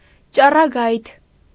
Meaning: 1. ray, beam 2. ray
- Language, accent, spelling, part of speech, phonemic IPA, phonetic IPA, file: Armenian, Eastern Armenian, ճառագայթ, noun, /t͡ʃɑrɑˈɡɑjtʰ/, [t͡ʃɑrɑɡɑ́jtʰ], Hy-ճառագայթ.ogg